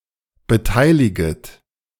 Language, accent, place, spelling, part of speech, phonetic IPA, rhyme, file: German, Germany, Berlin, beteiliget, verb, [bəˈtaɪ̯lɪɡət], -aɪ̯lɪɡət, De-beteiliget.ogg
- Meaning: second-person plural subjunctive I of beteiligen